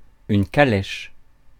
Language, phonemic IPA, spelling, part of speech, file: French, /ka.lɛʃ/, calèche, noun, Fr-calèche.ogg
- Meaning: calèche, carriage